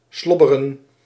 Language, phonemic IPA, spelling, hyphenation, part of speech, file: Dutch, /ˈslɔ.bə.rə(n)/, slobberen, slob‧be‧ren, verb, Nl-slobberen.ogg
- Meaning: 1. to slurp, to drink audibly 2. to misfit, to hang loose